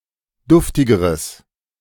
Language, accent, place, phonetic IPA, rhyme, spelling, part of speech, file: German, Germany, Berlin, [ˈdʊftɪɡəʁəs], -ʊftɪɡəʁəs, duftigeres, adjective, De-duftigeres.ogg
- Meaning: strong/mixed nominative/accusative neuter singular comparative degree of duftig